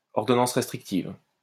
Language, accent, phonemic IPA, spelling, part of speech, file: French, France, /ɔʁ.dɔ.nɑ̃s ʁɛs.tʁik.tiv/, ordonnance restrictive, noun, LL-Q150 (fra)-ordonnance restrictive.wav
- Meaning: restraining order